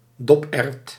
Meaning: a small green pea, eaten without its pod
- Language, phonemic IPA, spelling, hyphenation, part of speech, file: Dutch, /ˈdɔp.ɛrt/, doperwt, dop‧erwt, noun, Nl-doperwt.ogg